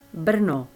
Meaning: Brno (capital of the South Moravian Region, Czech Republic, and second-largest city in the Czech Republic)
- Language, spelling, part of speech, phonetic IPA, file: Czech, Brno, proper noun, [ˈbr̩no], Cs Brno.ogg